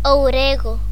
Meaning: oregano (Origanum vulgare)
- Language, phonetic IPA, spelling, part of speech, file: Galician, [owˈɾeɣʊ], ourego, noun, Gl-ourego.ogg